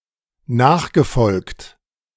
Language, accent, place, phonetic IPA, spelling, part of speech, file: German, Germany, Berlin, [ˈnaːxɡəˌfɔlkt], nachgefolgt, verb, De-nachgefolgt.ogg
- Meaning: past participle of nachfolgen